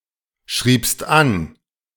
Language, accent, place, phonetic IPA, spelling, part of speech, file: German, Germany, Berlin, [ˌʃʁiːpst ˈan], schriebst an, verb, De-schriebst an.ogg
- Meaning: second-person singular preterite of anschreiben